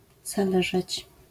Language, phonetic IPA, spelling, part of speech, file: Polish, [zaˈlɛʒɛt͡ɕ], zależeć, verb, LL-Q809 (pol)-zależeć.wav